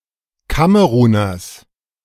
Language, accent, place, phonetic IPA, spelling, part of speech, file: German, Germany, Berlin, [ˈkaməʁuːnɐs], Kameruners, noun, De-Kameruners.ogg
- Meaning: genitive singular of Kameruner